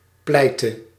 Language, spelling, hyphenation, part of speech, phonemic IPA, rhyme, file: Dutch, pleite, plei‧te, adjective / verb, /ˈplɛi̯.tə/, -ɛi̯tə, Nl-pleite.ogg
- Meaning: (adjective) gone; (verb) singular present subjunctive of pleiten